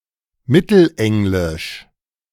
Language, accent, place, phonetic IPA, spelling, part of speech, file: German, Germany, Berlin, [ˈmɪtl̩ˌʔɛŋlɪʃ], Mittelenglisch, noun, De-Mittelenglisch.ogg
- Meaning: Middle English (the Middle English language)